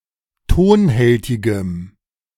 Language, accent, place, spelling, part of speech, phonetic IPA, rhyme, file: German, Germany, Berlin, tonhältigem, adjective, [ˈtoːnˌhɛltɪɡəm], -oːnhɛltɪɡəm, De-tonhältigem.ogg
- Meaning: strong dative masculine/neuter singular of tonhältig